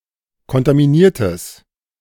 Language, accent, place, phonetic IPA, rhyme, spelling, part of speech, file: German, Germany, Berlin, [kɔntamiˈniːɐ̯təs], -iːɐ̯təs, kontaminiertes, adjective, De-kontaminiertes.ogg
- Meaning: strong/mixed nominative/accusative neuter singular of kontaminiert